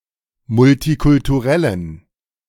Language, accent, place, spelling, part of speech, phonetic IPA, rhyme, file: German, Germany, Berlin, multikulturellen, adjective, [mʊltikʊltuˈʁɛlən], -ɛlən, De-multikulturellen.ogg
- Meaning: inflection of multikulturell: 1. strong genitive masculine/neuter singular 2. weak/mixed genitive/dative all-gender singular 3. strong/weak/mixed accusative masculine singular 4. strong dative plural